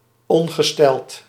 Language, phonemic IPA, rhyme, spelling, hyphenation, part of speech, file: Dutch, /ˌɔn.ɣəˈstɛlt/, -ɛlt, ongesteld, on‧ge‧steld, adjective, Nl-ongesteld.ogg
- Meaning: 1. menstruating 2. somewhat ill 3. unasked, unstated 4. in poor condition, bad